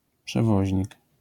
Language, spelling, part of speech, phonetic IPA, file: Polish, przewoźnik, noun, [pʃɛˈvɔʑɲik], LL-Q809 (pol)-przewoźnik.wav